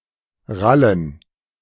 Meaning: 1. to understand, get 2. to make dull and/or guttural sounds
- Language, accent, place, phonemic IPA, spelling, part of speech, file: German, Germany, Berlin, /ˈʁalən/, rallen, verb, De-rallen.ogg